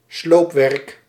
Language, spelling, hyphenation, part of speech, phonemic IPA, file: Dutch, sloopwerk, sloop‧werk, noun, /ˈsloːp.ʋɛrk/, Nl-sloopwerk.ogg
- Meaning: demolition work, demolition job